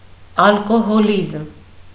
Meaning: alcoholism
- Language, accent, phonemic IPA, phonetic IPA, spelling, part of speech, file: Armenian, Eastern Armenian, /ɑlkohoˈlizm/, [ɑlkoholízm], ալկոհոլիզմ, noun, Hy-ալկոհոլիզմ.ogg